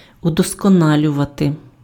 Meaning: 1. to perfect 2. to refine, to hone, to improve
- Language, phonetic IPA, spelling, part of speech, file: Ukrainian, [ʊdɔskɔˈnalʲʊʋɐte], удосконалювати, verb, Uk-удосконалювати.ogg